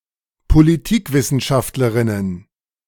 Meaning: plural of Politikwissenschaftlerin
- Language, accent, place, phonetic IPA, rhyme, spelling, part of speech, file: German, Germany, Berlin, [poliˈtiːkˌvɪsn̩ʃaftləʁɪnən], -iːkvɪsn̩ʃaftləʁɪnən, Politikwissenschaftlerinnen, noun, De-Politikwissenschaftlerinnen.ogg